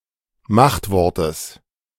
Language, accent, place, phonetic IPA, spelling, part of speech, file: German, Germany, Berlin, [ˈmaxtˌvɔʁtəs], Machtwortes, noun, De-Machtwortes.ogg
- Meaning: genitive singular of Machtwort